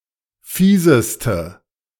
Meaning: inflection of fies: 1. strong/mixed nominative/accusative feminine singular superlative degree 2. strong nominative/accusative plural superlative degree
- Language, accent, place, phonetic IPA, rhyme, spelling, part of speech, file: German, Germany, Berlin, [ˈfiːzəstə], -iːzəstə, fieseste, adjective, De-fieseste.ogg